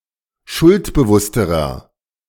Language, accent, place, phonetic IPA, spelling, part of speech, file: German, Germany, Berlin, [ˈʃʊltbəˌvʊstəʁɐ], schuldbewussterer, adjective, De-schuldbewussterer.ogg
- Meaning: inflection of schuldbewusst: 1. strong/mixed nominative masculine singular comparative degree 2. strong genitive/dative feminine singular comparative degree